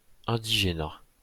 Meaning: 1. indigenousness 2. arbitrary laws and regulations giving an inferior legal status to natives of French colonies from 1881 until 1944–1947
- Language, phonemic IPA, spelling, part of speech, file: French, /ɛ̃.di.ʒe.na/, indigénat, noun, LL-Q150 (fra)-indigénat.wav